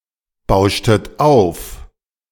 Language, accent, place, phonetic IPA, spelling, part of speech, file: German, Germany, Berlin, [ˌbaʊ̯ʃtət ˈaʊ̯f], bauschtet auf, verb, De-bauschtet auf.ogg
- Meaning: inflection of aufbauschen: 1. second-person plural preterite 2. second-person plural subjunctive II